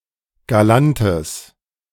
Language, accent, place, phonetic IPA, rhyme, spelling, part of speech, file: German, Germany, Berlin, [ɡaˈlantəs], -antəs, galantes, adjective, De-galantes.ogg
- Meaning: strong/mixed nominative/accusative neuter singular of galant